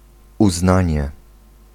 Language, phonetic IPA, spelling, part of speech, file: Polish, [uˈznãɲɛ], uznanie, noun, Pl-uznanie.ogg